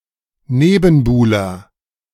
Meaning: rival (especially romantic)
- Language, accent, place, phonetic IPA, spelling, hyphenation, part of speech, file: German, Germany, Berlin, [ˈneːbn̩ˌbuːlɐ], Nebenbuhler, Ne‧ben‧buh‧ler, noun, De-Nebenbuhler.ogg